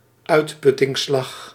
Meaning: 1. a battle of attrition, an exhausting battle 2. any exhausting struggle or contest
- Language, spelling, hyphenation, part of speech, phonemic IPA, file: Dutch, uitputtingsslag, uit‧put‧tings‧slag, noun, /ˈœy̯t.pʏ.tɪŋˌslɑx/, Nl-uitputtingsslag.ogg